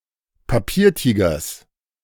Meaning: genitive of Papiertiger
- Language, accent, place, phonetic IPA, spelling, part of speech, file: German, Germany, Berlin, [paˈpiːɐ̯ˌtiːɡɐs], Papiertigers, noun, De-Papiertigers.ogg